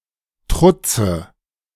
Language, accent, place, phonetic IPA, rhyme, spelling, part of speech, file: German, Germany, Berlin, [ˈtʁʊt͡sə], -ʊt͡sə, Trutze, noun, De-Trutze.ogg
- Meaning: dative singular of Trutz